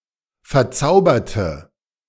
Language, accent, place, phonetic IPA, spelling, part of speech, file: German, Germany, Berlin, [fɛɐ̯ˈt͡saʊ̯bɐtə], verzauberte, adjective / verb, De-verzauberte.ogg
- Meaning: inflection of verzaubern: 1. first/third-person singular preterite 2. first/third-person singular subjunctive II